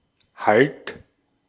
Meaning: 1. hold; adhesion 2. foothold; grip 3. support 4. stop (e.g. of a train) 5. halt; cessation
- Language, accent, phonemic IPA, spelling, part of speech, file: German, Austria, /halt/, Halt, noun, De-at-Halt.ogg